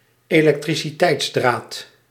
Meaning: electric wire
- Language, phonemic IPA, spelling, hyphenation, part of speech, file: Dutch, /eː.lɛk.tri.siˈtɛi̯tsˌdraːt/, elektriciteitsdraad, elek‧tri‧ci‧teits‧draad, noun, Nl-elektriciteitsdraad.ogg